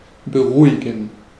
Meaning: 1. to calm down, to quiet 2. to become calm
- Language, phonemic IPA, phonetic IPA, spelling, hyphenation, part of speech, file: German, /bəˈʁuːiɡən/, [bəˈʁuːiɡŋ], beruhigen, be‧ru‧hi‧gen, verb, De-beruhigen.ogg